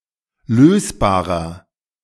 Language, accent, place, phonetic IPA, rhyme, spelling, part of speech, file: German, Germany, Berlin, [ˈløːsbaːʁɐ], -øːsbaːʁɐ, lösbarer, adjective, De-lösbarer.ogg
- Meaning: inflection of lösbar: 1. strong/mixed nominative masculine singular 2. strong genitive/dative feminine singular 3. strong genitive plural